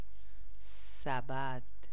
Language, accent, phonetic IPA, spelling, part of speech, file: Persian, Iran, [sæ.bæd̪̥], سبد, noun, Fa-سبد.ogg
- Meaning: basket